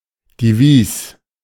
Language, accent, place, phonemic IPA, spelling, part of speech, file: German, Germany, Berlin, /diˈviːs/, Divis, noun, De-Divis.ogg
- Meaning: hyphen